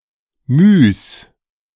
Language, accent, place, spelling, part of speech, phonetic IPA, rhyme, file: German, Germany, Berlin, Mys, noun, [myːs], -yːs, De-Mys.ogg
- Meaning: plural of My